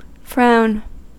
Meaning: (noun) A wrinkling of the forehead with the eyebrows brought together, typically indicating displeasure, severity, or concentration
- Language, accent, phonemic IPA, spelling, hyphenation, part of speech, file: English, US, /ˈfɹaʊ̯n/, frown, frown, noun / verb, En-us-frown.ogg